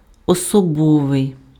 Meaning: personal
- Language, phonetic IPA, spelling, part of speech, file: Ukrainian, [ɔsɔˈbɔʋei̯], особовий, adjective, Uk-особовий.ogg